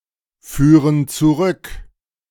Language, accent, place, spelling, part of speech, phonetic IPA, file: German, Germany, Berlin, führen zurück, verb, [ˌfyːʁən t͡suˈʁʏk], De-führen zurück.ogg
- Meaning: inflection of zurückführen: 1. first/third-person plural present 2. first/third-person plural subjunctive I